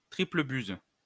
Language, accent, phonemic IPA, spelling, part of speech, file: French, France, /tʁi.plə byz/, triple buse, noun, LL-Q150 (fra)-triple buse.wav
- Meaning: dimwit, nitwit (used as a mild insult)